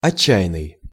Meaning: 1. desperate 2. foolhardy, reckless 3. rotten, frightful, awful
- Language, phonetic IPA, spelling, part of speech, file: Russian, [ɐˈt͡ɕːæ(j)ɪn(ː)ɨj], отчаянный, adjective, Ru-отчаянный.ogg